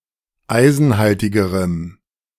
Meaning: strong dative masculine/neuter singular comparative degree of eisenhaltig
- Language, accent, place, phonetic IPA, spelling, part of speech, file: German, Germany, Berlin, [ˈaɪ̯zn̩ˌhaltɪɡəʁəm], eisenhaltigerem, adjective, De-eisenhaltigerem.ogg